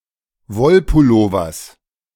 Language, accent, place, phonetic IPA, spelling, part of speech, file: German, Germany, Berlin, [ˈvɔlpʊˌloːvɐs], Wollpullovers, noun, De-Wollpullovers.ogg
- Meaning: genitive singular of Wollpullover